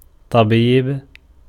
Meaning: doctor, physician
- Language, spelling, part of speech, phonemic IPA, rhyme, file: Arabic, طبيب, noun, /tˤa.biːb/, -iːb, Ar-طبيب.ogg